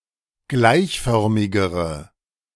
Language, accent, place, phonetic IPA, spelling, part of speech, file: German, Germany, Berlin, [ˈɡlaɪ̯çˌfœʁmɪɡəʁə], gleichförmigere, adjective, De-gleichförmigere.ogg
- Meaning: inflection of gleichförmig: 1. strong/mixed nominative/accusative feminine singular comparative degree 2. strong nominative/accusative plural comparative degree